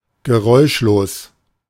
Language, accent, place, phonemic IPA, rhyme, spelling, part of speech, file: German, Germany, Berlin, /ɡəˈʁɔɪ̯ʃloːs/, -oːs, geräuschlos, adjective / adverb, De-geräuschlos.ogg
- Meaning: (adjective) silent; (adverb) silently, without a sound